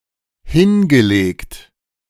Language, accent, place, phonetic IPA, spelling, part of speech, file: German, Germany, Berlin, [ˈhɪnɡəˌleːkt], hingelegt, verb, De-hingelegt.ogg
- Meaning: past participle of hinlegen